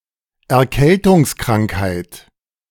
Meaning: 1. cold 2. coughs and sneezes
- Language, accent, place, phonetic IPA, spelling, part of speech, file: German, Germany, Berlin, [ɛɐ̯ˈkɛltʊŋsˌkʁaŋkhaɪ̯t], Erkältungskrankheit, noun, De-Erkältungskrankheit.ogg